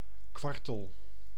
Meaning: 1. quail (bird of the genus Coturnix) 2. common quail (Coturnix coturnix)
- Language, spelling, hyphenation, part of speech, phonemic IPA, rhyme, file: Dutch, kwartel, kwar‧tel, noun, /ˈkʋɑr.təl/, -ɑrtəl, Nl-kwartel.ogg